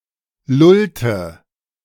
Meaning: inflection of lullen: 1. first/third-person singular preterite 2. first/third-person singular subjunctive II
- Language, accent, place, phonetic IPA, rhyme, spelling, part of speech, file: German, Germany, Berlin, [ˈlʊltə], -ʊltə, lullte, verb, De-lullte.ogg